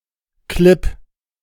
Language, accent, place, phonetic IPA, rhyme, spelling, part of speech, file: German, Germany, Berlin, [klɪp], -ɪp, klipp, adverb, De-klipp.ogg
- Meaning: only used in klipp und klar